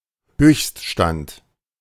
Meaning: peak (highest level)
- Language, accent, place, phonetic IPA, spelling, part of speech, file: German, Germany, Berlin, [ˈhøːçstˌʃtant], Höchststand, noun, De-Höchststand.ogg